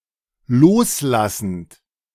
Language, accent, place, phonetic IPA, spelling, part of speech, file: German, Germany, Berlin, [ˈloːsˌlasn̩t], loslassend, verb, De-loslassend.ogg
- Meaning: present participle of loslassen